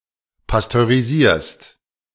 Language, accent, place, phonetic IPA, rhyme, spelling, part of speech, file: German, Germany, Berlin, [pastøʁiˈziːɐ̯st], -iːɐ̯st, pasteurisierst, verb, De-pasteurisierst.ogg
- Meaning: second-person singular present of pasteurisieren